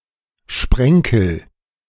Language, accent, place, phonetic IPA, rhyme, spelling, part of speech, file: German, Germany, Berlin, [ˈʃpʁɛŋkl̩], -ɛŋkl̩, sprenkel, verb, De-sprenkel.ogg
- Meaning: inflection of sprenkeln: 1. first-person singular present 2. singular imperative